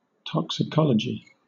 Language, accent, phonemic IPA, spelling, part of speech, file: English, Southern England, /ˌtɒksɪˈkɒləd͡ʒi/, toxicology, noun, LL-Q1860 (eng)-toxicology.wav
- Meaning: The branch of pharmacology that deals with the nature, effect, detection and treatment of poisons and poisoning